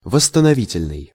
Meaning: 1. restoration; reconstructive 2. reducing
- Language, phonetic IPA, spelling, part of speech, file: Russian, [vəsːtənɐˈvʲitʲɪlʲnɨj], восстановительный, adjective, Ru-восстановительный.ogg